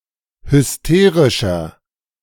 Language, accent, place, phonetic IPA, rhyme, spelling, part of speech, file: German, Germany, Berlin, [hʏsˈteːʁɪʃɐ], -eːʁɪʃɐ, hysterischer, adjective, De-hysterischer.ogg
- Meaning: 1. comparative degree of hysterisch 2. inflection of hysterisch: strong/mixed nominative masculine singular 3. inflection of hysterisch: strong genitive/dative feminine singular